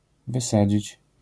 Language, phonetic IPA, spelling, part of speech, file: Polish, [vɨˈsad͡ʑit͡ɕ], wysadzić, verb, LL-Q809 (pol)-wysadzić.wav